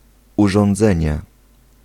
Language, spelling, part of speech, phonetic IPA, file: Polish, urządzenie, noun, [ˌuʒɔ̃nˈd͡zɛ̃ɲɛ], Pl-urządzenie.ogg